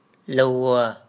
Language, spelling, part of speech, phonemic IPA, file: Mon, လောဲ, verb / noun, /lo̤a/, Mnw-လောဲ.wav
- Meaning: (verb) easy; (noun) friend